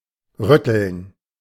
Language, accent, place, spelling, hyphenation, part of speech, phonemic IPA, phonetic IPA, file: German, Germany, Berlin, rütteln, rüt‧teln, verb, /ˈʁʏtəln/, [ˈʁʏtl̩n], De-rütteln.ogg
- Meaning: 1. to shake, to jolt 2. to shake, to rattle (to make a barrier or obstacle shake, attempting to open or displace it)